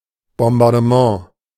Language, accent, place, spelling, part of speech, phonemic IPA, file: German, Germany, Berlin, Bombardement, noun, /ˌbɔmbardəˈmã/, De-Bombardement.ogg
- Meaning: bombing, bombardment, shelling